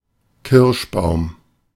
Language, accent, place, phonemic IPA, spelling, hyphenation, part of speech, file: German, Germany, Berlin, /ˈkɪʁʃˌbaʊ̯m/, Kirschbaum, Kirsch‧baum, noun / proper noun, De-Kirschbaum.ogg
- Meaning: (noun) cherry tree; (proper noun) 1. Any of various smaller places across Germany 2. a surname